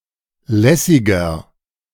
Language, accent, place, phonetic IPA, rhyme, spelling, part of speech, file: German, Germany, Berlin, [ˈlɛsɪɡɐ], -ɛsɪɡɐ, lässiger, adjective, De-lässiger.ogg
- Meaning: inflection of lässig: 1. strong/mixed nominative masculine singular 2. strong genitive/dative feminine singular 3. strong genitive plural